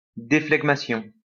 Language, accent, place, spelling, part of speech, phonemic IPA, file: French, France, Lyon, déflegmation, noun, /de.flɛɡ.ma.sjɔ̃/, LL-Q150 (fra)-déflegmation.wav
- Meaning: dephlegmation